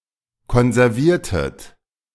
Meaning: inflection of konservieren: 1. second-person plural preterite 2. second-person plural subjunctive II
- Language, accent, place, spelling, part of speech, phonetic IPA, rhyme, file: German, Germany, Berlin, konserviertet, verb, [kɔnzɛʁˈviːɐ̯tət], -iːɐ̯tət, De-konserviertet.ogg